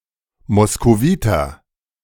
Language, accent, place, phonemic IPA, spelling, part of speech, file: German, Germany, Berlin, /mɔskoˈviːtɐ/, Moskowiter, noun, De-Moskowiter.ogg
- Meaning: Muscovite